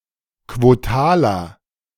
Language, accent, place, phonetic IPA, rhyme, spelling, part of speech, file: German, Germany, Berlin, [kvoˈtaːlɐ], -aːlɐ, quotaler, adjective, De-quotaler.ogg
- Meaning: inflection of quotal: 1. strong/mixed nominative masculine singular 2. strong genitive/dative feminine singular 3. strong genitive plural